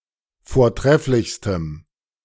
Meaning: strong dative masculine/neuter singular superlative degree of vortrefflich
- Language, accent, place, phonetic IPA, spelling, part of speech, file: German, Germany, Berlin, [foːɐ̯ˈtʁɛflɪçstəm], vortrefflichstem, adjective, De-vortrefflichstem.ogg